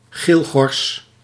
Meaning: yellowhammer (Emberiza citrinella)
- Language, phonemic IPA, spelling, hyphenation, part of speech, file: Dutch, /ˈɣeːl.ɣɔrs/, geelgors, geel‧gors, noun, Nl-geelgors.ogg